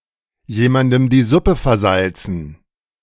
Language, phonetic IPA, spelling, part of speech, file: German, [ˌjeːmandm̩ diː ˈzʊpə fɛɐ̯ˈzalt͡sn̩], jemandem die Suppe versalzen, phrase, De-jemandem die Suppe versalzen.ogg